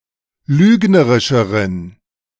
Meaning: inflection of lügnerisch: 1. strong genitive masculine/neuter singular comparative degree 2. weak/mixed genitive/dative all-gender singular comparative degree
- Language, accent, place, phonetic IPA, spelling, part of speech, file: German, Germany, Berlin, [ˈlyːɡnəʁɪʃəʁən], lügnerischeren, adjective, De-lügnerischeren.ogg